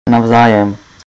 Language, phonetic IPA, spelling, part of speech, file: Czech, [ˈnavzaːjɛm], navzájem, adverb, Cs-navzájem.ogg
- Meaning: mutually, reciprocally